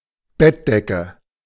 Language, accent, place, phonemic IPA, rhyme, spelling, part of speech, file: German, Germany, Berlin, /ˈbɛtˌdɛkə/, -ɛkə, Bettdecke, noun, De-Bettdecke.ogg
- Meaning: 1. a covering that warms the body during sleep; especially a duvet (being the commonest in German-speaking Europe), but also a blanket, coverlet, quilt, etc 2. bedspread 3. bed sheet